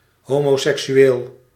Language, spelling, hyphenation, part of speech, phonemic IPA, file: Dutch, homoseksueel, ho‧mo‧sek‧su‧eel, adjective / noun, /ˌɦoː.moː.sɛk.syˈeːl/, Nl-homoseksueel.ogg
- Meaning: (adjective) homosexual